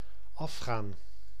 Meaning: 1. to go off 2. to go down 3. to lose face 4. (of a telephone) to ring 5. to defecate 6. to base oneself, to depend
- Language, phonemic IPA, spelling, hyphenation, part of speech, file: Dutch, /ˈɑfxaːn/, afgaan, af‧gaan, verb, Nl-afgaan.ogg